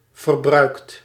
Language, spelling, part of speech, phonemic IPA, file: Dutch, verbruikt, verb, /vərˈbrœykt/, Nl-verbruikt.ogg
- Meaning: 1. inflection of verbruiken: second/third-person singular present indicative 2. inflection of verbruiken: plural imperative 3. past participle of verbruiken